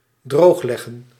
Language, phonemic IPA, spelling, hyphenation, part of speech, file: Dutch, /ˈdroːxˌlɛɣə(n)/, droogleggen, droog‧leg‧gen, verb, Nl-droogleggen.ogg
- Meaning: 1. to drain (water) 2. to ban consumption of alcoholic drinks